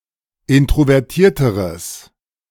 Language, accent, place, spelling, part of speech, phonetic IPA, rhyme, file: German, Germany, Berlin, introvertierteres, adjective, [ˌɪntʁovɛʁˈtiːɐ̯təʁəs], -iːɐ̯təʁəs, De-introvertierteres.ogg
- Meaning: strong/mixed nominative/accusative neuter singular comparative degree of introvertiert